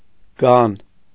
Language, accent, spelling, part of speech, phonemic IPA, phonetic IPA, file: Armenian, Eastern Armenian, գան, noun, /ɡɑn/, [ɡɑn], Hy-գան.ogg
- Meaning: beating, bastinado, battery, blows with a stick